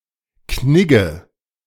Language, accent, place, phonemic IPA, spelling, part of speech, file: German, Germany, Berlin, /ˈknɪɡə/, Knigge, noun / proper noun, De-Knigge.ogg
- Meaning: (noun) Any guideline on good etiquette, not necessarily written; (proper noun) a surname